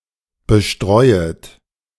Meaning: second-person plural subjunctive I of bestreuen
- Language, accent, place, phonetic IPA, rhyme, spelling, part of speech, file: German, Germany, Berlin, [bəˈʃtʁɔɪ̯ət], -ɔɪ̯ət, bestreuet, verb, De-bestreuet.ogg